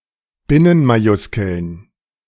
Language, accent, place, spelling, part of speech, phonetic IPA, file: German, Germany, Berlin, Binnenmajuskeln, noun, [ˈbɪnənmaˌjʊskl̩n], De-Binnenmajuskeln.ogg
- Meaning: plural of Binnenmajuskel